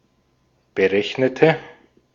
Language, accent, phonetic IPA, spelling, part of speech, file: German, Austria, [bəˈʁɛçnətə], berechnete, adjective / verb, De-at-berechnete.ogg
- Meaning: inflection of berechnen: 1. first/third-person singular preterite 2. first/third-person singular subjunctive II